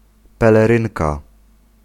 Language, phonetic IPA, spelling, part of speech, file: Polish, [ˌpɛlɛˈrɨ̃nka], pelerynka, noun, Pl-pelerynka.ogg